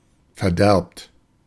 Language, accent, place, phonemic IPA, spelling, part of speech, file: German, Germany, Berlin, /fɛɐ̯ˈdɛʁpt/, verderbt, verb, De-verderbt.ogg
- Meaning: 1. inflection of verderben: second-person plural present 2. inflection of verderben: plural imperative 3. past participle of verderben (“corrupt”)